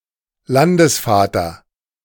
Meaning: 1. territorial lord 2. head of state
- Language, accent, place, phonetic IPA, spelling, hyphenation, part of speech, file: German, Germany, Berlin, [ˈlandəsˌfaːtɐ], Landesvater, Lan‧des‧va‧ter, noun, De-Landesvater.ogg